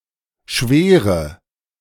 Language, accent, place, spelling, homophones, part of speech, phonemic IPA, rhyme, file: German, Germany, Berlin, Schwere, schwere / Schwäre, noun, /ˈʃveːʁə/, -eːʁə, De-Schwere.ogg
- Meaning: 1. heaviness 2. severity